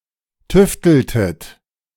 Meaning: inflection of tüfteln: 1. second-person plural preterite 2. second-person plural subjunctive II
- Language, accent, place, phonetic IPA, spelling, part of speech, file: German, Germany, Berlin, [ˈtʏftl̩tət], tüfteltet, verb, De-tüfteltet.ogg